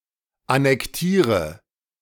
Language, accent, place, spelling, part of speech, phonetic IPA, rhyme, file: German, Germany, Berlin, annektiere, verb, [anɛkˈtiːʁə], -iːʁə, De-annektiere.ogg
- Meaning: inflection of annektieren: 1. first-person singular present 2. first/third-person singular subjunctive I 3. singular imperative